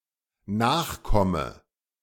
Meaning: inflection of nachkommen: 1. first-person singular dependent present 2. first/third-person singular dependent subjunctive I
- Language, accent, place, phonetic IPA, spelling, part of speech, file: German, Germany, Berlin, [ˈnaːxˌkɔmə], nachkomme, verb, De-nachkomme.ogg